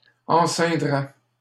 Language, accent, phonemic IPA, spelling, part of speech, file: French, Canada, /ɑ̃.sɛ̃.dʁɛ/, enceindrait, verb, LL-Q150 (fra)-enceindrait.wav
- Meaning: third-person singular conditional of enceindre